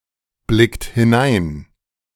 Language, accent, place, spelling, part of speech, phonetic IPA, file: German, Germany, Berlin, blickt hinein, verb, [ˌblɪkt hɪˈnaɪ̯n], De-blickt hinein.ogg
- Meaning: inflection of hineinblicken: 1. second-person plural present 2. third-person singular present 3. plural imperative